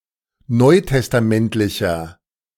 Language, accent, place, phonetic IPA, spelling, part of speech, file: German, Germany, Berlin, [ˈnɔɪ̯tɛstaˌmɛntlɪçɐ], neutestamentlicher, adjective, De-neutestamentlicher.ogg
- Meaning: inflection of neutestamentlich: 1. strong/mixed nominative masculine singular 2. strong genitive/dative feminine singular 3. strong genitive plural